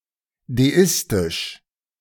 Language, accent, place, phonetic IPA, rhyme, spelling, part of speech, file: German, Germany, Berlin, [deˈɪstɪʃ], -ɪstɪʃ, deistisch, adjective, De-deistisch.ogg
- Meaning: deistic